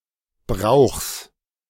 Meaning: genitive singular of Brauch
- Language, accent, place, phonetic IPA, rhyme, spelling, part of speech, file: German, Germany, Berlin, [bʁaʊ̯xs], -aʊ̯xs, Brauchs, noun, De-Brauchs.ogg